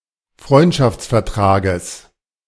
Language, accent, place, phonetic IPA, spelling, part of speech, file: German, Germany, Berlin, [ˈfʁɔɪ̯ntʃaft͡sfɛɐ̯ˌtʁaːɡəs], Freundschaftsvertrages, noun, De-Freundschaftsvertrages.ogg
- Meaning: genitive of Freundschaftsvertrag